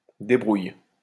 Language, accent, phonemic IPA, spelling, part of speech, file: French, France, /de.bʁuj/, débrouille, verb, LL-Q150 (fra)-débrouille.wav
- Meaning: inflection of débrouiller: 1. first/third-person singular present indicative/subjunctive 2. second-person singular imperative